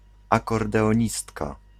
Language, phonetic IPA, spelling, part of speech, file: Polish, [ˌakɔrdɛɔ̃ˈɲistka], akordeonistka, noun, Pl-akordeonistka.ogg